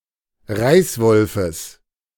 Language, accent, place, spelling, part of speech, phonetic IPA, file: German, Germany, Berlin, Reißwolfes, noun, [ˈʁaɪ̯sˌvɔlfəs], De-Reißwolfes.ogg
- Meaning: genitive of Reißwolf